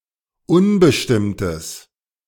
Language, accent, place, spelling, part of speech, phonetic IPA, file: German, Germany, Berlin, unbestimmtes, adjective, [ˈʊnbəʃtɪmtəs], De-unbestimmtes.ogg
- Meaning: strong/mixed nominative/accusative neuter singular of unbestimmt